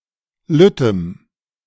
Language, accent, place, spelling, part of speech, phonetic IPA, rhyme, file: German, Germany, Berlin, lüttem, adjective, [ˈlʏtəm], -ʏtəm, De-lüttem.ogg
- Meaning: strong dative masculine/neuter singular of lütt